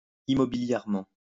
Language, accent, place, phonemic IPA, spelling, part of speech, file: French, France, Lyon, /i.mɔ.bi.ljɛʁ.mɑ̃/, immobilièrement, adverb, LL-Q150 (fra)-immobilièrement.wav
- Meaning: immovably